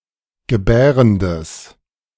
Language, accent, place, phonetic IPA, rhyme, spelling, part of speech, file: German, Germany, Berlin, [ɡəˈbɛːʁəndəs], -ɛːʁəndəs, gebärendes, adjective, De-gebärendes.ogg
- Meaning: strong/mixed nominative/accusative neuter singular of gebärend